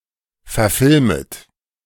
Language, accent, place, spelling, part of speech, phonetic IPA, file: German, Germany, Berlin, verfilmet, verb, [fɛɐ̯ˈfɪlmət], De-verfilmet.ogg
- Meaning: second-person plural subjunctive I of verfilmen